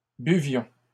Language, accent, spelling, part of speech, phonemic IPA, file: French, Canada, buvions, verb, /by.vjɔ̃/, LL-Q150 (fra)-buvions.wav
- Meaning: inflection of boire: 1. first-person plural imperfect indicative 2. first-person plural present subjunctive